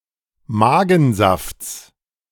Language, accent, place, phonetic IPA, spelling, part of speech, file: German, Germany, Berlin, [ˈmaːɡn̩ˌzaft͡s], Magensafts, noun, De-Magensafts.ogg
- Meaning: genitive singular of Magensaft